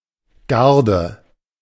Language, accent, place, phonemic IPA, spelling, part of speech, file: German, Germany, Berlin, /ˈɡaʁdə/, Garde, noun, De-Garde.ogg
- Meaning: guard